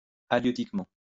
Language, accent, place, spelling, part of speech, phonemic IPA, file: French, France, Lyon, halieutiquement, adverb, /a.ljø.tik.mɑ̃/, LL-Q150 (fra)-halieutiquement.wav
- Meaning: halieutically